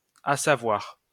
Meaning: to know
- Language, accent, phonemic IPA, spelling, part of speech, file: French, France, /a.sa.vwaʁ/, assavoir, verb, LL-Q150 (fra)-assavoir.wav